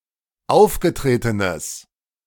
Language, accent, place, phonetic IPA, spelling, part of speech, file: German, Germany, Berlin, [ˈaʊ̯fɡəˌtʁeːtənəs], aufgetretenes, adjective, De-aufgetretenes.ogg
- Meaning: strong/mixed nominative/accusative neuter singular of aufgetreten